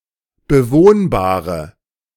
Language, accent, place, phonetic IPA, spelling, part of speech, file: German, Germany, Berlin, [bəˈvoːnbaːʁə], bewohnbare, adjective, De-bewohnbare.ogg
- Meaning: inflection of bewohnbar: 1. strong/mixed nominative/accusative feminine singular 2. strong nominative/accusative plural 3. weak nominative all-gender singular